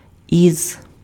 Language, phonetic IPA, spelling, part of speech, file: Ukrainian, [iz], із, preposition, Uk-із.ogg
- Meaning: alternative form of з (z)